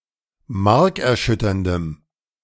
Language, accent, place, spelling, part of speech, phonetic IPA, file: German, Germany, Berlin, markerschütterndem, adjective, [ˈmaʁkɛɐ̯ˌʃʏtɐndəm], De-markerschütterndem.ogg
- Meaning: strong dative masculine/neuter singular of markerschütternd